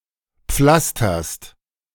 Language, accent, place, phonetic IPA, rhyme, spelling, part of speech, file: German, Germany, Berlin, [ˈp͡flastɐst], -astɐst, pflasterst, verb, De-pflasterst.ogg
- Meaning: second-person singular present of pflastern